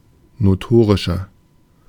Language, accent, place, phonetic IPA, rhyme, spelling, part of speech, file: German, Germany, Berlin, [noˈtoːʁɪʃɐ], -oːʁɪʃɐ, notorischer, adjective, De-notorischer.ogg
- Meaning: 1. comparative degree of notorisch 2. inflection of notorisch: strong/mixed nominative masculine singular 3. inflection of notorisch: strong genitive/dative feminine singular